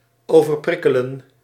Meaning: to overstimulate
- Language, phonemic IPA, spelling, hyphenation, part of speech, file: Dutch, /ˌoː.vərˈprɪ.kə.lə(n)/, overprikkelen, over‧prik‧ke‧len, verb, Nl-overprikkelen.ogg